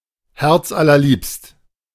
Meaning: greatly beloved
- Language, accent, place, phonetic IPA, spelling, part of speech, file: German, Germany, Berlin, [ˈhɛʁt͡sʔalɐˌliːpst], herzallerliebst, adjective, De-herzallerliebst.ogg